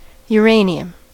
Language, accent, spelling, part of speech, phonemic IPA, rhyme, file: English, US, uranium, noun, /ˌjuː.ˈɹeɪ.ni.əm/, -eɪniəm, En-us-uranium.ogg
- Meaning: The element with atomic number 92 and symbol U. A radioactive silvery-grey metal in the actinide series